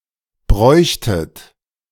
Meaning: second-person plural subjunctive II of brauchen
- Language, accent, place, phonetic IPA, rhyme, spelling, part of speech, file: German, Germany, Berlin, [ˈbʁɔɪ̯çtət], -ɔɪ̯çtət, bräuchtet, verb, De-bräuchtet.ogg